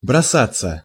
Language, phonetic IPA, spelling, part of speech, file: Russian, [brɐˈsat͡sːə], бросаться, verb, Ru-бросаться.ogg
- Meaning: 1. to fling (oneself), to dash, to rush 2. passive of броса́ть (brosátʹ)